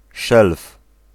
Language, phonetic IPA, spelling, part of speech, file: Polish, [ʃɛlf], szelf, noun, Pl-szelf.ogg